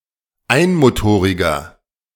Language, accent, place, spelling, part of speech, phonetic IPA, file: German, Germany, Berlin, einmotoriger, adjective, [ˈaɪ̯nmoˌtoːʁɪɡɐ], De-einmotoriger.ogg
- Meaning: inflection of einmotorig: 1. strong/mixed nominative masculine singular 2. strong genitive/dative feminine singular 3. strong genitive plural